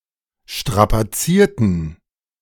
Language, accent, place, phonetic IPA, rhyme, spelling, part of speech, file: German, Germany, Berlin, [ˌʃtʁapaˈt͡siːɐ̯tn̩], -iːɐ̯tn̩, strapazierten, adjective / verb, De-strapazierten.ogg
- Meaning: inflection of strapazieren: 1. first/third-person plural preterite 2. first/third-person plural subjunctive II